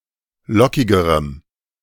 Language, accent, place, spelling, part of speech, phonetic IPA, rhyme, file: German, Germany, Berlin, lockigerem, adjective, [ˈlɔkɪɡəʁəm], -ɔkɪɡəʁəm, De-lockigerem.ogg
- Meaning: strong dative masculine/neuter singular comparative degree of lockig